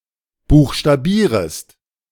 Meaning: second-person singular subjunctive I of buchstabieren
- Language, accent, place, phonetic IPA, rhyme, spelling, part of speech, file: German, Germany, Berlin, [ˌbuːxʃtaˈbiːʁəst], -iːʁəst, buchstabierest, verb, De-buchstabierest.ogg